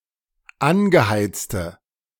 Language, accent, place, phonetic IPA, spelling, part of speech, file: German, Germany, Berlin, [ˈanɡəˌhaɪ̯t͡stə], angeheizte, adjective, De-angeheizte.ogg
- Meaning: inflection of angeheizt: 1. strong/mixed nominative/accusative feminine singular 2. strong nominative/accusative plural 3. weak nominative all-gender singular